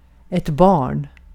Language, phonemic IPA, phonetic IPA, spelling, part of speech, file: Swedish, /bɑːrn/, [bɑːɳ], barn, noun, Sv-barn.ogg
- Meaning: 1. a child (person who has not reached adulthood) 2. a child (son or daughter) 3. a child (figurative offspring) 4. pregnant, with child 5. barn (a unit of area in nuclear physics)